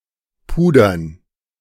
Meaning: to powder
- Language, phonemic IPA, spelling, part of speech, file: German, /ˈpuːdɐn/, pudern, verb, De-pudern.ogg